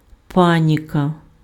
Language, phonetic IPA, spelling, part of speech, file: Ukrainian, [ˈpanʲikɐ], паніка, noun, Uk-паніка.ogg
- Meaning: panic